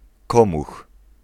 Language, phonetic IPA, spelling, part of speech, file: Polish, [ˈkɔ̃mux], komuch, noun, Pl-komuch.ogg